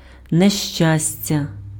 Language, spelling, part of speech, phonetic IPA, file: Ukrainian, нещастя, noun, [neʃˈt͡ʃasʲtʲɐ], Uk-нещастя.ogg
- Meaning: misery, misfortune, disaster, tragedy